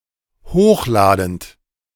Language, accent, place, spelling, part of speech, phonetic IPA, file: German, Germany, Berlin, hochladend, verb, [ˈhoːxˌlaːdn̩t], De-hochladend.ogg
- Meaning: present participle of hochladen